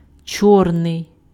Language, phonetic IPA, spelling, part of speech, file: Ukrainian, [ˈt͡ʃɔrnei̯], чорний, adjective, Uk-чорний.ogg
- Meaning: 1. black (color) 2. back (stairs, entrance, etc.) 3. unskilled, manual (labor) 4. ferrous (metal)